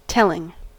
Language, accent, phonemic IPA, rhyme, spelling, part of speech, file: English, US, /ˈtɛlɪŋ/, -ɛlɪŋ, telling, verb / adjective / noun, En-us-telling.ogg
- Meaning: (verb) present participle and gerund of tell; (adjective) 1. Having force, or having a marked effect; weighty, effective 2. Revealing information; bearing significance 3. Serving to convince